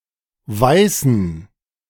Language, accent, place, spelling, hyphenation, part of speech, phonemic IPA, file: German, Germany, Berlin, weißen, wei‧ßen, verb / adjective, /ˈvaɪ̯sən/, De-weißen.ogg
- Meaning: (verb) to whiten; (adjective) inflection of weiß: 1. strong genitive masculine/neuter singular 2. weak/mixed genitive/dative all-gender singular 3. strong/weak/mixed accusative masculine singular